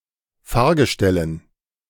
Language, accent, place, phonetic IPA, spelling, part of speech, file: German, Germany, Berlin, [ˈfaːɐ̯ɡəˌʃtɛlən], Fahrgestellen, noun, De-Fahrgestellen.ogg
- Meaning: dative plural of Fahrgestell